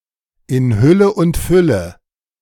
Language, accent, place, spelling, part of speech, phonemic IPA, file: German, Germany, Berlin, in Hülle und Fülle, prepositional phrase, /ɪn ˈhʏlə ʊnt ˈfʏlə/, De-in Hülle und Fülle.ogg
- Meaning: in abundance